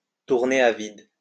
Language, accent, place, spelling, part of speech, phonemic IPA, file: French, France, Lyon, tourner à vide, verb, /tuʁ.ne a vid/, LL-Q150 (fra)-tourner à vide.wav
- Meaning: 1. to tick over, to idle, to run idle 2. to spin one's wheels, to go round in circles, to go nowhere